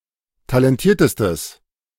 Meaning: strong/mixed nominative/accusative neuter singular superlative degree of talentiert
- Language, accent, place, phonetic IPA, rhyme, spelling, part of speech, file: German, Germany, Berlin, [talɛnˈtiːɐ̯təstəs], -iːɐ̯təstəs, talentiertestes, adjective, De-talentiertestes.ogg